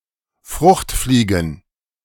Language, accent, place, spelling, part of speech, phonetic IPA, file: German, Germany, Berlin, Fruchtfliegen, noun, [ˈfʁʊxtˌfliːɡn̩], De-Fruchtfliegen.ogg
- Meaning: plural of Fruchtfliege